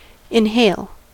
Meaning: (verb) To draw air into the lungs, through the nose or mouth by action of the diaphragm
- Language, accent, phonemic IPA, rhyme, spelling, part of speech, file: English, US, /ɪnˈheɪl/, -eɪl, inhale, verb / noun, En-us-inhale.ogg